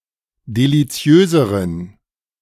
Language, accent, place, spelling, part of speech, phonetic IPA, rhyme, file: German, Germany, Berlin, deliziöseren, adjective, [deliˈt͡si̯øːzəʁən], -øːzəʁən, De-deliziöseren.ogg
- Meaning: inflection of deliziös: 1. strong genitive masculine/neuter singular comparative degree 2. weak/mixed genitive/dative all-gender singular comparative degree